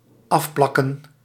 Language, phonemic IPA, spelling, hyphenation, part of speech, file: Dutch, /ˈɑfˌplɑ.kə(n)/, afplakken, af‧plak‧ken, verb, Nl-afplakken.ogg
- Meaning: to mask, to cover, particularly with masking tape when preparing for painting